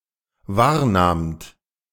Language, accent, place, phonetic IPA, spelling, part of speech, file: German, Germany, Berlin, [ˈvaːɐ̯ˌnaːmt], wahrnahmt, verb, De-wahrnahmt.ogg
- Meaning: second-person plural dependent preterite of wahrnehmen